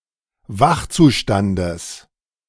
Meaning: genitive of Wachzustand
- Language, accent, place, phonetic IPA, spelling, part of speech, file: German, Germany, Berlin, [ˈvaxt͡suˌʃtandəs], Wachzustandes, noun, De-Wachzustandes.ogg